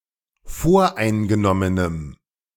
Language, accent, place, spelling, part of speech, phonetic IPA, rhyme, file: German, Germany, Berlin, voreingenommenem, adjective, [ˈfoːɐ̯ʔaɪ̯nɡəˌnɔmənəm], -aɪ̯nɡənɔmənəm, De-voreingenommenem.ogg
- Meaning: strong dative masculine/neuter singular of voreingenommen